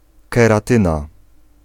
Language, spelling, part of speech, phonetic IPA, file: Polish, keratyna, noun, [ˌkɛraˈtɨ̃na], Pl-keratyna.ogg